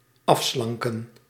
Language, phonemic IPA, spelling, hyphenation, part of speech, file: Dutch, /ˈɑfslɑŋkə(n)/, afslanken, af‧slan‧ken, verb, Nl-afslanken.ogg
- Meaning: to slim, to become slimmer